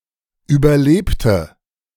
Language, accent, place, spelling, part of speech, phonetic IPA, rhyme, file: German, Germany, Berlin, überlebte, adjective / verb, [ˌyːbɐˈleːptə], -eːptə, De-überlebte.ogg
- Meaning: inflection of überleben: 1. first/third-person singular preterite 2. first/third-person singular subjunctive II